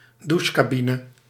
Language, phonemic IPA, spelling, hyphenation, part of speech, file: Dutch, /ˈdu(ʃ).kaːˌbi.nə/, douchecabine, dou‧che‧ca‧bi‧ne, noun, Nl-douchecabine.ogg
- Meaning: shower recess, shower cubicle